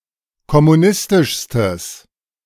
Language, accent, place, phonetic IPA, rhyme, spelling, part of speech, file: German, Germany, Berlin, [kɔmuˈnɪstɪʃstəs], -ɪstɪʃstəs, kommunistischstes, adjective, De-kommunistischstes.ogg
- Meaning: strong/mixed nominative/accusative neuter singular superlative degree of kommunistisch